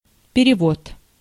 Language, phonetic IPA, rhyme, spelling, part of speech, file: Russian, [pʲɪrʲɪˈvot], -ot, перевод, noun, Ru-перевод.ogg
- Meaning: 1. transfer, transference 2. translation 3. remittance 4. money order 5. switching, shunting 6. conversion